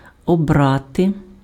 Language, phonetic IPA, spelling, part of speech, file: Ukrainian, [ɔˈbrate], обрати, verb, Uk-обрати.ogg
- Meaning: to elect